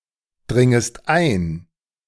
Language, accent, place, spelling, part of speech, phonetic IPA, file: German, Germany, Berlin, dringest ein, verb, [ˌdʁɪŋəst ˈaɪ̯n], De-dringest ein.ogg
- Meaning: second-person singular subjunctive I of eindringen